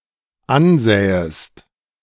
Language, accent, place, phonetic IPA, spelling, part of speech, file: German, Germany, Berlin, [ˈanˌzɛːəst], ansähest, verb, De-ansähest.ogg
- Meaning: second-person singular dependent subjunctive II of ansehen